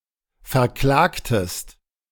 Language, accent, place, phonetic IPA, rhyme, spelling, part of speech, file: German, Germany, Berlin, [fɛɐ̯ˈklaːktəst], -aːktəst, verklagtest, verb, De-verklagtest.ogg
- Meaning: inflection of verklagen: 1. second-person singular preterite 2. second-person singular subjunctive II